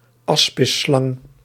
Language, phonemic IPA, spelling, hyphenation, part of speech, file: Dutch, /ˈɑs.pɪˌslɑŋ/, aspisslang, as‧pis‧slang, noun, Nl-aspisslang.ogg
- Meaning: asp